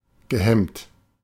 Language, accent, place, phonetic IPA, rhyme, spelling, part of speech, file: German, Germany, Berlin, [ɡəˈhɛmt], -ɛmt, gehemmt, adjective / verb, De-gehemmt.ogg
- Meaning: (verb) past participle of hemmen; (adjective) 1. inhibited 2. self-conscious